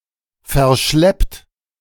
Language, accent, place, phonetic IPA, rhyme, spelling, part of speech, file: German, Germany, Berlin, [fɛɐ̯ˈʃlɛpt], -ɛpt, verschleppt, verb, De-verschleppt.ogg
- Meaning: 1. past participle of verschleppen 2. inflection of verschleppen: third-person singular present 3. inflection of verschleppen: second-person plural present